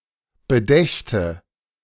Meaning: first/third-person singular subjunctive II of bedenken
- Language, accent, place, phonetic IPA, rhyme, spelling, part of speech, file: German, Germany, Berlin, [bəˈdɛçtə], -ɛçtə, bedächte, verb, De-bedächte.ogg